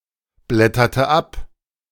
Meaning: inflection of abblättern: 1. first/third-person singular preterite 2. first/third-person singular subjunctive II
- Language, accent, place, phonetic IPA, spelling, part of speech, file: German, Germany, Berlin, [ˌblɛtɐtə ˈap], blätterte ab, verb, De-blätterte ab.ogg